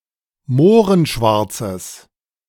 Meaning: strong/mixed nominative/accusative neuter singular of mohrenschwarz
- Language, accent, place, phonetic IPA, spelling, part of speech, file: German, Germany, Berlin, [ˈmoːʁənˌʃvaʁt͡səs], mohrenschwarzes, adjective, De-mohrenschwarzes.ogg